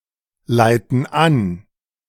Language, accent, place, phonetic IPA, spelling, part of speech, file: German, Germany, Berlin, [ˌlaɪ̯tn̩ ˈan], leiten an, verb, De-leiten an.ogg
- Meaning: inflection of anleiten: 1. first/third-person plural present 2. first/third-person plural subjunctive I